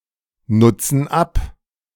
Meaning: inflection of abnutzen: 1. first/third-person plural present 2. first/third-person plural subjunctive I
- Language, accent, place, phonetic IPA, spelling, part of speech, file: German, Germany, Berlin, [ˌnʊt͡sn̩ ˈap], nutzen ab, verb, De-nutzen ab.ogg